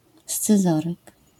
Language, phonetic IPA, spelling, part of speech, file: Polish, [st͡sɨˈzɔrɨk], scyzoryk, noun, LL-Q809 (pol)-scyzoryk.wav